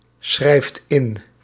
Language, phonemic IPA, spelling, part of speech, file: Dutch, /ˈsxrɛift ˈɪn/, schrijft in, verb, Nl-schrijft in.ogg
- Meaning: inflection of inschrijven: 1. second/third-person singular present indicative 2. plural imperative